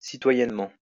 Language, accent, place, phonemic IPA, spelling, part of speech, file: French, France, Lyon, /si.twa.jɛn.mɑ̃/, citoyennement, adverb, LL-Q150 (fra)-citoyennement.wav
- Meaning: civically; as a citizen